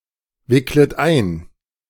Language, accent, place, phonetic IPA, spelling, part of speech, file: German, Germany, Berlin, [ˌvɪklət ˈaɪ̯n], wicklet ein, verb, De-wicklet ein.ogg
- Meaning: second-person plural subjunctive I of einwickeln